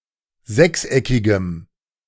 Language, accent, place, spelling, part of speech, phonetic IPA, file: German, Germany, Berlin, sechseckigem, adjective, [ˈzɛksˌʔɛkɪɡəm], De-sechseckigem.ogg
- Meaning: strong dative masculine/neuter singular of sechseckig